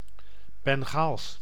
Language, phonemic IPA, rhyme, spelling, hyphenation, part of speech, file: Dutch, /bɛŋˈɣaːls/, -aːls, Bengaals, Ben‧gaals, adjective, Nl-Bengaals.ogg
- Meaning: Bengal